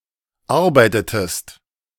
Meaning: inflection of arbeiten: 1. second-person singular preterite 2. second-person singular subjunctive II
- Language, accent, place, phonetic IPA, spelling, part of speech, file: German, Germany, Berlin, [ˈaʁbaɪ̯tətəst], arbeitetest, verb, De-arbeitetest.ogg